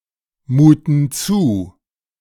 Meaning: inflection of zumuten: 1. first/third-person plural present 2. first/third-person plural subjunctive I
- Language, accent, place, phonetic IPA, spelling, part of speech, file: German, Germany, Berlin, [ˌmuːtn̩ ˈt͡suː], muten zu, verb, De-muten zu.ogg